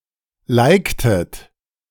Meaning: inflection of liken: 1. second-person plural preterite 2. second-person plural subjunctive II
- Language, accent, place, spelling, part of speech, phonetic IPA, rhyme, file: German, Germany, Berlin, liktet, verb, [ˈlaɪ̯ktət], -aɪ̯ktət, De-liktet.ogg